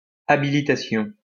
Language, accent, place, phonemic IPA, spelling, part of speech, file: French, France, Lyon, /a.bi.li.ta.sjɔ̃/, habilitation, noun, LL-Q150 (fra)-habilitation.wav
- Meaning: habilitation